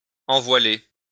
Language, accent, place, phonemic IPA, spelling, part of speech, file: French, France, Lyon, /ɑ̃.vwa.le/, envoiler, verb, LL-Q150 (fra)-envoiler.wav
- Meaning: to warp or become bent